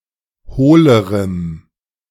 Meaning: strong dative masculine/neuter singular comparative degree of hohl
- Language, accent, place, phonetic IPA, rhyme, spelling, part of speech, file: German, Germany, Berlin, [ˈhoːləʁəm], -oːləʁəm, hohlerem, adjective, De-hohlerem.ogg